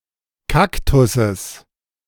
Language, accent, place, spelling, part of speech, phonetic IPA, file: German, Germany, Berlin, Kaktusses, noun, [ˈkaktʊsəs], De-Kaktusses.ogg
- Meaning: genitive singular of Kaktus